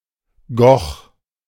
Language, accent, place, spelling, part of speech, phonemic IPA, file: German, Germany, Berlin, Goch, proper noun, /ɡɔx/, De-Goch.ogg
- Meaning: a municipality of Lower Rhine, North Rhine-Westphalia, Germany